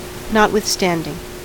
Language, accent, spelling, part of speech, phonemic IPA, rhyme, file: English, US, notwithstanding, adverb / conjunction / preposition / postposition, /ˌnɑtwɪθˈstændɪŋ/, -ændɪŋ, En-us-notwithstanding.ogg
- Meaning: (adverb) Nevertheless, all the same; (conjunction) Although; despite the fact that; even though; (preposition) In spite of, despite